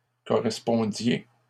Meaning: inflection of correspondre: 1. second-person plural imperfect indicative 2. second-person plural present subjunctive
- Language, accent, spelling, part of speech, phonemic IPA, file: French, Canada, correspondiez, verb, /kɔ.ʁɛs.pɔ̃.dje/, LL-Q150 (fra)-correspondiez.wav